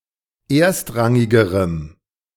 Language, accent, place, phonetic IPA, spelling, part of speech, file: German, Germany, Berlin, [ˈeːɐ̯stˌʁaŋɪɡəʁəm], erstrangigerem, adjective, De-erstrangigerem.ogg
- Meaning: strong dative masculine/neuter singular comparative degree of erstrangig